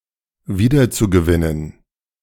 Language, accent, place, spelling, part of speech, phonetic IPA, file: German, Germany, Berlin, wiederzugewinnen, verb, [ˈviːdɐt͡suɡəˌvɪnən], De-wiederzugewinnen.ogg
- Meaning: zu-infinitive of wiedergewinnen